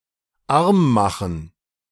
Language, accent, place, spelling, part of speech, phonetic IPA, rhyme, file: German, Germany, Berlin, armmachen, verb, [ˈaʁmˌmaxn̩], -aʁmmaxn̩, De-armmachen.ogg
- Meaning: to impoverish